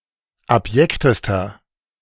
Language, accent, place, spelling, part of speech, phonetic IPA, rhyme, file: German, Germany, Berlin, abjektester, adjective, [apˈjɛktəstɐ], -ɛktəstɐ, De-abjektester.ogg
- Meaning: inflection of abjekt: 1. strong/mixed nominative masculine singular superlative degree 2. strong genitive/dative feminine singular superlative degree 3. strong genitive plural superlative degree